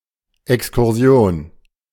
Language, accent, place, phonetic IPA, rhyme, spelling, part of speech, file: German, Germany, Berlin, [ɛkskʊʁˈzi̯oːn], -oːn, Exkursion, noun, De-Exkursion.ogg
- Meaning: excursion, field trip